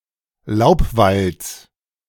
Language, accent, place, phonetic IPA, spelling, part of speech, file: German, Germany, Berlin, [ˈlaʊ̯pˌvalt͡s], Laubwalds, noun, De-Laubwalds.ogg
- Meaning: genitive singular of Laubwald